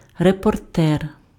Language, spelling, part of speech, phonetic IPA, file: Ukrainian, репортер, noun, [repɔrˈtɛr], Uk-репортер.ogg
- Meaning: reporter